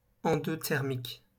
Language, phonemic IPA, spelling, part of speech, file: French, /ɑ̃.dɔ.tɛʁ.mik/, endothermique, adjective, LL-Q150 (fra)-endothermique.wav
- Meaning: endothermic